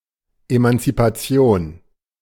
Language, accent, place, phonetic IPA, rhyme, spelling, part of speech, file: German, Germany, Berlin, [ˌemant͡sipaˈt͡si̯oːn], -oːn, Emanzipation, noun, De-Emanzipation.ogg
- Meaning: emancipation